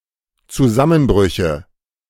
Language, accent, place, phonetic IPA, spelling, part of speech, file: German, Germany, Berlin, [t͡suˈzamənˌbʁʏçə], Zusammenbrüche, noun, De-Zusammenbrüche.ogg
- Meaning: nominative/accusative/genitive plural of Zusammenbruch